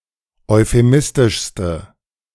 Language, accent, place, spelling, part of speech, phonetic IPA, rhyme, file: German, Germany, Berlin, euphemistischste, adjective, [ɔɪ̯feˈmɪstɪʃstə], -ɪstɪʃstə, De-euphemistischste.ogg
- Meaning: inflection of euphemistisch: 1. strong/mixed nominative/accusative feminine singular superlative degree 2. strong nominative/accusative plural superlative degree